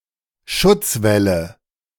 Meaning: nominative/accusative/genitive plural of Schutzwall
- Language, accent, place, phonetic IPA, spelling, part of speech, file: German, Germany, Berlin, [ˈʃʊt͡sˌvɛlə], Schutzwälle, noun, De-Schutzwälle.ogg